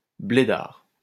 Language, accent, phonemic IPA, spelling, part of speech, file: French, France, /ble.daʁ/, blédard, adjective / noun, LL-Q150 (fra)-blédard.wav
- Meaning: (adjective) foreign, especially North African; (noun) an immigrant from North Africa